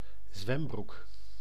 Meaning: a pair of swimming trunks, shorts or briefs worn for swimming or bathing
- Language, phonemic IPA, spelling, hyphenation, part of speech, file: Dutch, /ˈzʋɛm.bruk/, zwembroek, zwem‧broek, noun, Nl-zwembroek.ogg